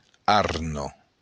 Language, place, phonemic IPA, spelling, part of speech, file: Occitan, Béarn, /ˈarno/, arna, noun, LL-Q14185 (oci)-arna.wav
- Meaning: 1. moth 2. fur beetle, carpet beetle